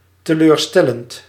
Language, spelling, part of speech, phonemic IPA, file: Dutch, teleurstellend, adjective / verb, /təlørˈstɛlənt/, Nl-teleurstellend.ogg
- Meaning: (adjective) disappointing; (verb) present participle of teleurstellen